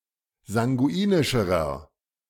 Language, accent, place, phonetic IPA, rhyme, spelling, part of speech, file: German, Germany, Berlin, [zaŋɡuˈiːnɪʃəʁɐ], -iːnɪʃəʁɐ, sanguinischerer, adjective, De-sanguinischerer.ogg
- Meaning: inflection of sanguinisch: 1. strong/mixed nominative masculine singular comparative degree 2. strong genitive/dative feminine singular comparative degree 3. strong genitive plural comparative degree